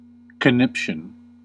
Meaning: 1. A fit of anger or panic; conniption fit 2. A fit of laughing; convulsion
- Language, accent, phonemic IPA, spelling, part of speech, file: English, US, /kəˈnɪp.ʃən/, conniption, noun, En-us-conniption.ogg